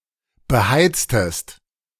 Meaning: inflection of beheizen: 1. second-person singular preterite 2. second-person singular subjunctive II
- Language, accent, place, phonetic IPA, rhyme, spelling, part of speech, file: German, Germany, Berlin, [bəˈhaɪ̯t͡stəst], -aɪ̯t͡stəst, beheiztest, verb, De-beheiztest.ogg